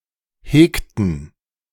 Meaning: inflection of hegen: 1. first/third-person plural preterite 2. first/third-person plural subjunctive II
- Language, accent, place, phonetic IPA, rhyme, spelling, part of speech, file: German, Germany, Berlin, [ˈheːktn̩], -eːktn̩, hegten, verb, De-hegten.ogg